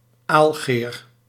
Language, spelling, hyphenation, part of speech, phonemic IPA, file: Dutch, aalgeer, aal‧geer, noun, /ˈaːl.ɣeːr/, Nl-aalgeer.ogg
- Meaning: spear or fizgig for fishing eel